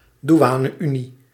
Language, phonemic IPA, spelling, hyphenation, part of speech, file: Dutch, /duˈaː.nəˌy.ni/, douane-unie, dou‧a‧ne-unie, noun, Nl-douane-unie.ogg
- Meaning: customs union